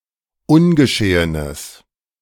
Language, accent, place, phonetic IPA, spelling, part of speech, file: German, Germany, Berlin, [ˈʊnɡəˌʃeːənəs], ungeschehenes, adjective, De-ungeschehenes.ogg
- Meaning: strong/mixed nominative/accusative neuter singular of ungeschehen